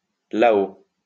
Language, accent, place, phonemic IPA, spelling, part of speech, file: French, France, Lyon, /la.o/, là-haut, adverb, LL-Q150 (fra)-là-haut.wav
- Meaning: up there